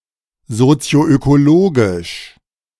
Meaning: socioecological
- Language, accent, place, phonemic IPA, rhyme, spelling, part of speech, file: German, Germany, Berlin, /zot͡si̯oʔøkoˈloːɡɪʃ/, -oːɡɪʃ, sozioökologisch, adjective, De-sozioökologisch.ogg